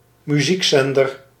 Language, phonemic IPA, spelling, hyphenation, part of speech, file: Dutch, /myˈzikˌzɛn.dər/, muziekzender, mu‧ziek‧zen‧der, noun, Nl-muziekzender.ogg
- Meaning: music channel (radio or television channel that (exclusively or mostly) broadcasts music)